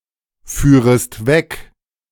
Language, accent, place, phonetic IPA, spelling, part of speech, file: German, Germany, Berlin, [ˌfyːʁəst ˈvɛk], führest weg, verb, De-führest weg.ogg
- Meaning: second-person singular subjunctive II of wegfahren